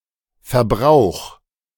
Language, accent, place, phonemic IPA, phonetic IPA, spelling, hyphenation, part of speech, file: German, Germany, Berlin, /fɛɐ̯ˈbʁaʊ̯x/, [fɛɐ̯ˈbʁaʊ̯χ], Verbrauch, Ver‧brauch, noun, De-Verbrauch.ogg
- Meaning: 1. consumption 2. usage 3. wastage